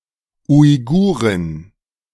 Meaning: female equivalent of Uigure
- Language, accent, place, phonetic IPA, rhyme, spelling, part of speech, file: German, Germany, Berlin, [ʊɪ̯ˈɡuːʁɪn], -uːʁɪn, Uigurin, noun, De-Uigurin.ogg